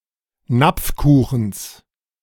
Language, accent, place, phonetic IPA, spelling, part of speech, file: German, Germany, Berlin, [ˈnap͡fˌkuːxn̩s], Napfkuchens, noun, De-Napfkuchens.ogg
- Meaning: genitive singular of Napfkuchen